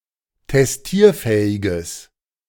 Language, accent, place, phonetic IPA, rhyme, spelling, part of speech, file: German, Germany, Berlin, [tɛsˈtiːɐ̯ˌfɛːɪɡəs], -iːɐ̯fɛːɪɡəs, testierfähiges, adjective, De-testierfähiges.ogg
- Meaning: strong/mixed nominative/accusative neuter singular of testierfähig